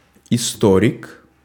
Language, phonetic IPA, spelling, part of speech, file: Russian, [ɪˈstorʲɪk], историк, noun, Ru-историк.ogg
- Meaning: historian